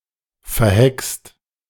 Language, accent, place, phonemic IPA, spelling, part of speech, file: German, Germany, Berlin, /fɛʁˈhɛkst/, verhext, verb / interjection, De-verhext.ogg
- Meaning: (verb) 1. past participle of verhexen: bewitched 2. inflection of verhexen: second/third-person singular present 3. inflection of verhexen: second-person plural present